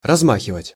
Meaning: 1. to sway, to swing 2. to dangle 3. to brandish, to flourish 4. to cause to swing?
- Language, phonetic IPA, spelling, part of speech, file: Russian, [rɐzˈmaxʲɪvətʲ], размахивать, verb, Ru-размахивать.ogg